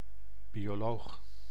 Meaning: biologist
- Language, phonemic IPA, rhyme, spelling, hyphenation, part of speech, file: Dutch, /ˌbi.oːˈloːx/, -oːx, bioloog, bio‧loog, noun, Nl-bioloog.ogg